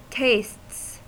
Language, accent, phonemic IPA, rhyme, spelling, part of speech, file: English, US, /teɪsts/, -eɪsts, tastes, noun / verb, En-us-tastes.ogg
- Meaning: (noun) plural of taste; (verb) third-person singular simple present indicative of taste